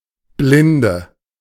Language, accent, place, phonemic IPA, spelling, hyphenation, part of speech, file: German, Germany, Berlin, /ˈblɪndə/, Blinde, Blin‧de, noun, De-Blinde.ogg
- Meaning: female equivalent of Blinder: blind woman